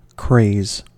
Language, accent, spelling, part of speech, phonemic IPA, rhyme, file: English, US, craze, noun / verb, /kɹeɪz/, -eɪz, En-us-craze.ogg
- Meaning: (noun) 1. A strong habitual desire or fancy 2. A temporary passion or infatuation, as for some new amusement, pursuit, or fashion; a fad